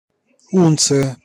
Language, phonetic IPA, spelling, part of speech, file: Russian, [ˈunt͡sɨjə], унция, noun, Ru-унция.ogg
- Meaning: ounce